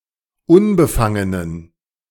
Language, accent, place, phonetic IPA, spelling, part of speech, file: German, Germany, Berlin, [ˈʊnbəˌfaŋənən], unbefangenen, adjective, De-unbefangenen.ogg
- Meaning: inflection of unbefangen: 1. strong genitive masculine/neuter singular 2. weak/mixed genitive/dative all-gender singular 3. strong/weak/mixed accusative masculine singular 4. strong dative plural